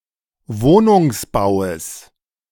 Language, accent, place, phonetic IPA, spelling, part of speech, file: German, Germany, Berlin, [ˈvoːnʊŋsˌbaʊ̯əs], Wohnungsbaues, noun, De-Wohnungsbaues.ogg
- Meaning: genitive singular of Wohnungsbau